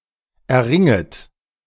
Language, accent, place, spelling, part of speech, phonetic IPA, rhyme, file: German, Germany, Berlin, erringet, verb, [ɛɐ̯ˈʁɪŋət], -ɪŋət, De-erringet.ogg
- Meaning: second-person plural subjunctive I of erringen